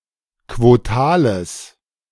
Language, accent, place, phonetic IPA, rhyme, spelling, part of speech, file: German, Germany, Berlin, [kvoˈtaːləs], -aːləs, quotales, adjective, De-quotales.ogg
- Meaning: strong/mixed nominative/accusative neuter singular of quotal